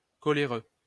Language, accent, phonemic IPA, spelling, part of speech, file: French, France, /kɔ.le.ʁø/, coléreux, adjective, LL-Q150 (fra)-coléreux.wav
- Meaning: irritable; quick-tempered